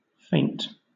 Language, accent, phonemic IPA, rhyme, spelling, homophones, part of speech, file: English, Southern England, /feɪnt/, -eɪnt, feint, faint, noun / verb / adjective, LL-Q1860 (eng)-feint.wav
- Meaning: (noun) A movement made to confuse an opponent; a dummy